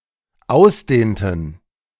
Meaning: inflection of ausdehnen: 1. first/third-person plural dependent preterite 2. first/third-person plural dependent subjunctive II
- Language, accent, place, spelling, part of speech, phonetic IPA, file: German, Germany, Berlin, ausdehnten, verb, [ˈaʊ̯sˌdeːntn̩], De-ausdehnten.ogg